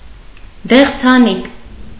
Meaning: canary (bird)
- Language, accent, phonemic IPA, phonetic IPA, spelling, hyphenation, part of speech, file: Armenian, Eastern Armenian, /deχt͡sʰɑˈnik/, [deχt͡sʰɑník], դեղձանիկ, դեղ‧ձա‧նիկ, noun, Hy-դեղձանիկ.ogg